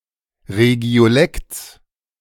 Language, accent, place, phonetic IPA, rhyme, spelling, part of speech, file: German, Germany, Berlin, [ʁeɡi̯oˈlɛkt͡s], -ɛkt͡s, Regiolekts, noun, De-Regiolekts.ogg
- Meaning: genitive singular of Regiolekt